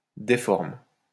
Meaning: inflection of déformer: 1. first/third-person singular present indicative/subjunctive 2. second-person singular imperative
- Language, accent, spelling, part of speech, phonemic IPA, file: French, France, déforme, verb, /de.fɔʁm/, LL-Q150 (fra)-déforme.wav